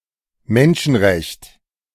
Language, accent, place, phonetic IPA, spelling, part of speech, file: German, Germany, Berlin, [ˈmɛnʃn̩ˌʁɛçt], Menschenrecht, noun, De-Menschenrecht.ogg
- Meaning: human right